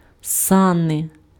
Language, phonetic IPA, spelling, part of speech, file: Ukrainian, [ˈsane], сани, noun, Uk-сани.ogg
- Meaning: sledge, sleigh, sled (a vehicle on runners, used for conveying loads over the snow or ice)